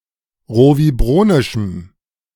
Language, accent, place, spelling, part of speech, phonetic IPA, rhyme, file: German, Germany, Berlin, rovibronischem, adjective, [ˌʁoviˈbʁoːnɪʃm̩], -oːnɪʃm̩, De-rovibronischem.ogg
- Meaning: strong dative masculine/neuter singular of rovibronisch